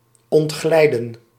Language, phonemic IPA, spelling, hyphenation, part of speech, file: Dutch, /ˌɔntˈɣlɛi̯də(n)/, ontglijden, ont‧glij‧den, verb, Nl-ontglijden.ogg
- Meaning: 1. to slip away 2. to become lost 3. to get away, to escape